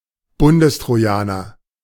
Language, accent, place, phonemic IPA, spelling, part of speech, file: German, Germany, Berlin, /ˈbʊndəstʁoˌjaːnɐ/, Bundestrojaner, noun, De-Bundestrojaner.ogg
- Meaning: "federal Trojan", a Trojan horse and spyware program that is used by the German government to fetch data from computers of suspects in criminal investigation